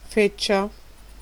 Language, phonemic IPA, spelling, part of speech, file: Italian, /ˈfɛtt͡ʃa/, feccia, noun, It-feccia.ogg